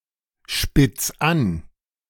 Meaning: 1. singular imperative of anspitzen 2. first-person singular present of anspitzen
- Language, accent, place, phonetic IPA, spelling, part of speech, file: German, Germany, Berlin, [ˌʃpɪt͡s ˈan], spitz an, verb, De-spitz an.ogg